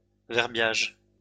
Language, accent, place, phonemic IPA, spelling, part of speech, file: French, France, Lyon, /vɛʁ.bjaʒ/, verbiage, noun, LL-Q150 (fra)-verbiage.wav
- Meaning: verbiage